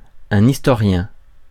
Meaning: historian
- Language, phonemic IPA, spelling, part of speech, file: French, /is.tɔ.ʁjɛ̃/, historien, noun, Fr-historien.ogg